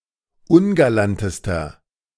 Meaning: inflection of ungalant: 1. strong/mixed nominative masculine singular superlative degree 2. strong genitive/dative feminine singular superlative degree 3. strong genitive plural superlative degree
- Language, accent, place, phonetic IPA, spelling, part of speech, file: German, Germany, Berlin, [ˈʊnɡalantəstɐ], ungalantester, adjective, De-ungalantester.ogg